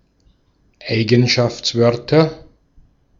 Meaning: genitive singular of Eigenschaftswort
- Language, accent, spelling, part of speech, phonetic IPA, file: German, Austria, Eigenschaftswörter, noun, [ˈaɪ̯ɡn̩ʃaft͡sˌvœʁtɐ], De-at-Eigenschaftswörter.ogg